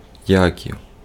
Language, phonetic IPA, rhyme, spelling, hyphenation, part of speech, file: Ukrainian, [ˈjakʲiu̯], -akʲiu̯, Яків, Яків, proper noun, Uk-Яків.ogg
- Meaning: a male given name, Yakiv, equivalent to English Jacob or James